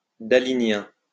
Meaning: of Salvador Dalí or his style; Daliesque
- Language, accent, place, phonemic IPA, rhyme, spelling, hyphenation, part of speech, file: French, France, Lyon, /da.li.njɛ̃/, -ɛ̃, dalinien, da‧li‧nien, adjective, LL-Q150 (fra)-dalinien.wav